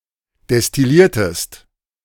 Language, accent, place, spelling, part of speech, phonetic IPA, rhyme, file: German, Germany, Berlin, destilliertest, verb, [dɛstɪˈliːɐ̯təst], -iːɐ̯təst, De-destilliertest.ogg
- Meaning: inflection of destillieren: 1. second-person singular preterite 2. second-person singular subjunctive II